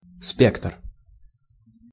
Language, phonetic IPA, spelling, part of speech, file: Russian, [spʲektr], спектр, noun, Ru-спектр.ogg
- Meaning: spectrum